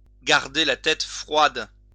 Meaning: to keep a cool head
- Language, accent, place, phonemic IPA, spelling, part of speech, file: French, France, Lyon, /ɡaʁ.de la tɛt fʁwad/, garder la tête froide, verb, LL-Q150 (fra)-garder la tête froide.wav